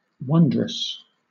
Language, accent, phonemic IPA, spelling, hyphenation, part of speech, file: English, Southern England, /ˈwʌndɹəs/, wondrous, won‧drous, adjective / adverb, LL-Q1860 (eng)-wondrous.wav
- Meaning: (adjective) Wonderful; amazing, inspiring awe; marvelous; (adverb) In a wonderful degree; remarkably; wondrously